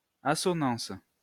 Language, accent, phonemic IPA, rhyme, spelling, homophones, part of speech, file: French, France, /a.sɔ.nɑ̃s/, -ɑ̃s, assonance, assonancent / assonances, noun / verb, LL-Q150 (fra)-assonance.wav
- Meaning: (noun) assonance; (verb) inflection of assonancer: 1. first/third-person singular present indicative/subjunctive 2. second-person singular imperative